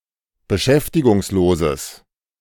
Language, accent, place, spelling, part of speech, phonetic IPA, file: German, Germany, Berlin, beschäftigungsloses, adjective, [bəˈʃɛftɪɡʊŋsˌloːzəs], De-beschäftigungsloses.ogg
- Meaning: strong/mixed nominative/accusative neuter singular of beschäftigungslos